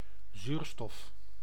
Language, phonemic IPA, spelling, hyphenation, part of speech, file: Dutch, /ˈzyːr.stɔf/, zuurstof, zuur‧stof, noun, Nl-zuurstof.ogg
- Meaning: 1. oxygen, O (chemical element) 2. dioxygen, molecular oxygen, O₂ (molecule)